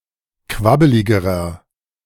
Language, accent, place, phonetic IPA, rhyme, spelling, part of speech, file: German, Germany, Berlin, [ˈkvabəlɪɡəʁɐ], -abəlɪɡəʁɐ, quabbeligerer, adjective, De-quabbeligerer.ogg
- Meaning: inflection of quabbelig: 1. strong/mixed nominative masculine singular comparative degree 2. strong genitive/dative feminine singular comparative degree 3. strong genitive plural comparative degree